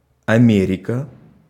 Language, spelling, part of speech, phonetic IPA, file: Russian, Америка, proper noun, [ɐˈmʲerʲɪkə], Ru-Америка.ogg
- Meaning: America, the Americas (a supercontinent consisting of North America, Central America and South America regarded as a whole; in full, the Americas)